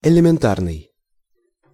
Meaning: elementary, basic
- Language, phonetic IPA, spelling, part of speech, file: Russian, [ɪlʲɪmʲɪnˈtarnɨj], элементарный, adjective, Ru-элементарный.ogg